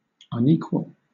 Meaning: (adjective) 1. Not the same 2. Out of balance 3. Inadequate; insufficiently capable or qualified 4. Erratic, inconsistent; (noun) One who is not an equal
- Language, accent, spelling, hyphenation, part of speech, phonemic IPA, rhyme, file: English, Southern England, unequal, un‧equal, adjective / noun, /ʌnˈiːkwəl/, -iːkwəl, LL-Q1860 (eng)-unequal.wav